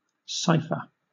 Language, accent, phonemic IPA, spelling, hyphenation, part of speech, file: English, Southern England, /ˈsaɪfə/, cipher, ci‧pher, noun / verb, LL-Q1860 (eng)-cipher.wav
- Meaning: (noun) 1. A numeric character 2. Any text character 3. A combination or interweaving of letters, as the initials of a name 4. A method of transforming a text in order to conceal its meaning